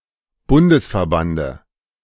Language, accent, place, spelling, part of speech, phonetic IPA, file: German, Germany, Berlin, Bundesverbande, noun, [ˈbʊndəsfɛɐ̯ˌbandə], De-Bundesverbande.ogg
- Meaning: dative singular of Bundesverband